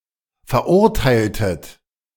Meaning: inflection of verurteilen: 1. second-person plural preterite 2. second-person plural subjunctive II
- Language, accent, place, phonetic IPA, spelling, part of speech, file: German, Germany, Berlin, [fɛɐ̯ˈʔʊʁtaɪ̯ltət], verurteiltet, verb, De-verurteiltet.ogg